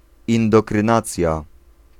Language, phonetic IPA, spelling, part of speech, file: Polish, [ˌĩndɔktrɨ̃ˈnat͡sʲja], indoktrynacja, noun, Pl-indoktrynacja.ogg